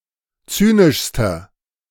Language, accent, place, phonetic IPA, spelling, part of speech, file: German, Germany, Berlin, [ˈt͡syːnɪʃstɐ], zynischster, adjective, De-zynischster.ogg
- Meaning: inflection of zynisch: 1. strong/mixed nominative masculine singular superlative degree 2. strong genitive/dative feminine singular superlative degree 3. strong genitive plural superlative degree